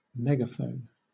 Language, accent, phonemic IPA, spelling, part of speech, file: English, Southern England, /ˈmɛɡ.əˌfəʊn/, megaphone, noun / verb, LL-Q1860 (eng)-megaphone.wav
- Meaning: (noun) A portable, usually hand-held, funnel-shaped device that is used to amplify a person’s natural voice toward a targeted direction